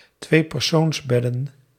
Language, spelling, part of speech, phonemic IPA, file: Dutch, tweepersoonsbedden, noun, /ˈtwepɛrsonzˌbɛdə(n)/, Nl-tweepersoonsbedden.ogg
- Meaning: plural of tweepersoonsbed